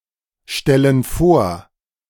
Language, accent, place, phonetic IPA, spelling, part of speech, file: German, Germany, Berlin, [ˌʃtɛlən ˈfoːɐ̯], stellen vor, verb, De-stellen vor.ogg
- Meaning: inflection of vorstellen: 1. first/third-person plural present 2. first/third-person plural subjunctive I